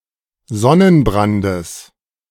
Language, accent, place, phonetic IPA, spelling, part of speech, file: German, Germany, Berlin, [ˈzɔnənˌbʁandəs], Sonnenbrandes, noun, De-Sonnenbrandes.ogg
- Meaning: genitive singular of Sonnenbrand